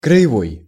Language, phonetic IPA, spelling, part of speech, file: Russian, [krə(j)ɪˈvoj], краевой, adjective, Ru-краевой.ogg
- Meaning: 1. krai; regional 2. edge, border, frontier, boundary 3. marginal